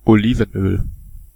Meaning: olive oil
- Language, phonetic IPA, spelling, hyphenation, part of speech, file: German, [oˈliːvn̩ˌʔøːl], Olivenöl, Oli‧ven‧öl, noun, De-Olivenöl.ogg